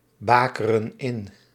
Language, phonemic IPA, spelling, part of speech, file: Dutch, /ˈbakərə(n) ˈɪn/, bakeren in, verb, Nl-bakeren in.ogg
- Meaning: inflection of inbakeren: 1. plural present indicative 2. plural present subjunctive